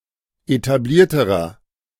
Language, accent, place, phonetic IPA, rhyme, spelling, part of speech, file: German, Germany, Berlin, [etaˈbliːɐ̯təʁɐ], -iːɐ̯təʁɐ, etablierterer, adjective, De-etablierterer.ogg
- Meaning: inflection of etabliert: 1. strong/mixed nominative masculine singular comparative degree 2. strong genitive/dative feminine singular comparative degree 3. strong genitive plural comparative degree